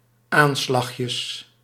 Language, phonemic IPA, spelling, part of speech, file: Dutch, /ˈanslaxjəs/, aanslagjes, noun, Nl-aanslagjes.ogg
- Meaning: plural of aanslagje